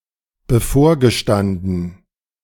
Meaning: past participle of bevorstehen
- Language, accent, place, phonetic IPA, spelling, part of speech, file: German, Germany, Berlin, [bəˈfoːɐ̯ɡəˌʃtandn̩], bevorgestanden, verb, De-bevorgestanden.ogg